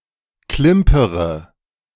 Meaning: inflection of klimpern: 1. first-person singular present 2. first-person plural subjunctive I 3. third-person singular subjunctive I 4. singular imperative
- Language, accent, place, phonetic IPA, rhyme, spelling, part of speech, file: German, Germany, Berlin, [ˈklɪmpəʁə], -ɪmpəʁə, klimpere, verb, De-klimpere.ogg